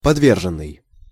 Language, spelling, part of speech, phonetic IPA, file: Russian, подверженный, adjective, [pɐdˈvʲerʐɨn(ː)ɨj], Ru-подверженный.ogg
- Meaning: 1. subject to 2. liable to 3. prone to